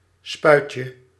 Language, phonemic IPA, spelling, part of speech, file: Dutch, /ˈspœycə/, spuitje, noun, Nl-spuitje.ogg
- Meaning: diminutive of spuit